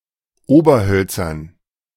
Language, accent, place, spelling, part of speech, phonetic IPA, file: German, Germany, Berlin, Oberhölzern, noun, [ˈoːbɐˌhœlt͡sɐn], De-Oberhölzern.ogg
- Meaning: dative plural of Oberholz